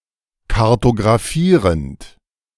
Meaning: present participle of kartografieren
- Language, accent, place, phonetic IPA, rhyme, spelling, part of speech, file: German, Germany, Berlin, [kaʁtoɡʁaˈfiːʁənt], -iːʁənt, kartografierend, verb, De-kartografierend.ogg